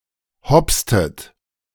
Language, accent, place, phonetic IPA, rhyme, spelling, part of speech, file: German, Germany, Berlin, [ˈhɔpstət], -ɔpstət, hopstet, verb, De-hopstet.ogg
- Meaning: inflection of hopsen: 1. second-person plural preterite 2. second-person plural subjunctive II